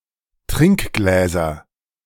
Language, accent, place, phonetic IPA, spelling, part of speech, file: German, Germany, Berlin, [ˈtʁɪŋkˌɡlɛːzɐ], Trinkgläser, noun, De-Trinkgläser.ogg
- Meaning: nominative/accusative/genitive plural of Trinkglas